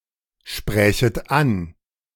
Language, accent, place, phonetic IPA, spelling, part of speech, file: German, Germany, Berlin, [ˌʃpʁɛːçət ˈan], sprächet an, verb, De-sprächet an.ogg
- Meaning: second-person plural subjunctive II of ansprechen